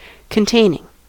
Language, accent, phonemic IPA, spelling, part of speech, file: English, US, /kənˈteɪnɪŋ/, containing, verb / noun, En-us-containing.ogg
- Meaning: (verb) present participle and gerund of contain; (noun) contents